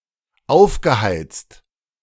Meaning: past participle of aufheizen - heated up
- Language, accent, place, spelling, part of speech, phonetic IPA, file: German, Germany, Berlin, aufgeheizt, verb, [ˈaʊ̯fɡəˌhaɪ̯t͡st], De-aufgeheizt.ogg